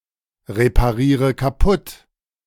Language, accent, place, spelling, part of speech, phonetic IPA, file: German, Germany, Berlin, repariere kaputt, verb, [ʁepaˌʁiːʁə kaˈpʊt], De-repariere kaputt.ogg
- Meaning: inflection of kaputtreparieren: 1. first-person singular present 2. first/third-person singular subjunctive I 3. singular imperative